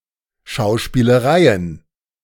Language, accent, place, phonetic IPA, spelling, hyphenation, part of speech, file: German, Germany, Berlin, [ʃaʊ̯ʃpiːləˈʁaɪ̯ən], Schauspielereien, Schau‧spie‧le‧rei‧en, noun, De-Schauspielereien.ogg
- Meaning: plural of Schauspielerei